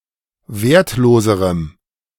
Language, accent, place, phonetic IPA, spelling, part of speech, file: German, Germany, Berlin, [ˈveːɐ̯tˌloːzəʁəm], wertloserem, adjective, De-wertloserem.ogg
- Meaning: strong dative masculine/neuter singular comparative degree of wertlos